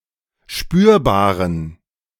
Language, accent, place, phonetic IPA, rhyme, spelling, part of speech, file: German, Germany, Berlin, [ˈʃpyːɐ̯baːʁən], -yːɐ̯baːʁən, spürbaren, adjective, De-spürbaren.ogg
- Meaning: inflection of spürbar: 1. strong genitive masculine/neuter singular 2. weak/mixed genitive/dative all-gender singular 3. strong/weak/mixed accusative masculine singular 4. strong dative plural